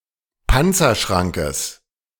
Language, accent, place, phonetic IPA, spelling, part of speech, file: German, Germany, Berlin, [ˈpant͡sɐˌʃʁaŋkəs], Panzerschrankes, noun, De-Panzerschrankes.ogg
- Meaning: genitive singular of Panzerschrank